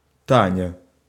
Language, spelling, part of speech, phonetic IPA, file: Russian, Таня, proper noun, [ˈtanʲə], Ru-Таня.ogg
- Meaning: a diminutive, Tanya, of the female given name Татья́на (Tatʹjána)